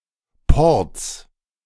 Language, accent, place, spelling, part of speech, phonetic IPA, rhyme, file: German, Germany, Berlin, Ports, noun, [pɔʁt͡s], -ɔʁt͡s, De-Ports.ogg
- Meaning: 1. genitive singular of Port 2. plural of Port